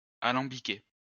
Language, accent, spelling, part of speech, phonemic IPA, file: French, France, alambiquer, verb, /a.lɑ̃.bi.ke/, LL-Q150 (fra)-alambiquer.wav
- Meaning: 1. to distill 2. to refine